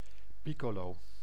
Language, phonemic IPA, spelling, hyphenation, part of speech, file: Dutch, /ˈpi.koː.loː/, piccolo, pic‧co‧lo, noun, Nl-piccolo.ogg
- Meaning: 1. piccolo (small flute) 2. piccolo, hotel porter 3. piccolo (small bottle of champagne)